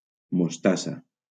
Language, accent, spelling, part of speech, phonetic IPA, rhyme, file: Catalan, Valencia, mostassa, noun, [mosˈta.sa], -asa, LL-Q7026 (cat)-mostassa.wav
- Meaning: mustard